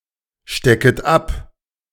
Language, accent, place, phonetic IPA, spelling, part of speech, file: German, Germany, Berlin, [ˌʃtɛkət ˈap], stecket ab, verb, De-stecket ab.ogg
- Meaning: second-person plural subjunctive I of abstecken